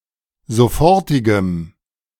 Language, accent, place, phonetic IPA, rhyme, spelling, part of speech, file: German, Germany, Berlin, [zoˈfɔʁtɪɡəm], -ɔʁtɪɡəm, sofortigem, adjective, De-sofortigem.ogg
- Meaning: strong dative masculine/neuter singular of sofortig